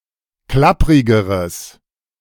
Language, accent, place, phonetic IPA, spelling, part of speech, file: German, Germany, Berlin, [ˈklapʁɪɡəʁəs], klapprigeres, adjective, De-klapprigeres.ogg
- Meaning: strong/mixed nominative/accusative neuter singular comparative degree of klapprig